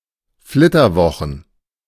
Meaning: honeymoon (vacation after a wedding)
- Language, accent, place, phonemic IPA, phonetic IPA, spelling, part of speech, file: German, Germany, Berlin, /ˈflɪtərˌvɔxən/, [ˈflɪ.tɐˌvɔ.χn̩], Flitterwochen, noun, De-Flitterwochen.ogg